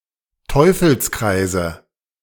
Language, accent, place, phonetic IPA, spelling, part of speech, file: German, Germany, Berlin, [ˈtɔɪ̯fl̩sˌkʁaɪ̯zə], Teufelskreise, noun, De-Teufelskreise.ogg
- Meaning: nominative/accusative/genitive plural of Teufelskreis